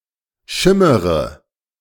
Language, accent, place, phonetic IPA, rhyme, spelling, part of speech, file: German, Germany, Berlin, [ˈʃɪməʁə], -ɪməʁə, schimmere, verb, De-schimmere.ogg
- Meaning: inflection of schimmern: 1. first-person singular present 2. first/third-person singular subjunctive I 3. singular imperative